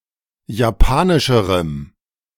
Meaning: strong dative masculine/neuter singular comparative degree of japanisch
- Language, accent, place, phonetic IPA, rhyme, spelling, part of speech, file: German, Germany, Berlin, [jaˈpaːnɪʃəʁəm], -aːnɪʃəʁəm, japanischerem, adjective, De-japanischerem.ogg